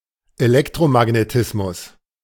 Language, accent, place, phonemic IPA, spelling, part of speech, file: German, Germany, Berlin, /eˈlɛktʁomaɡneˌtɪsmʊs/, Elektromagnetismus, noun, De-Elektromagnetismus.ogg
- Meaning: electromagnetism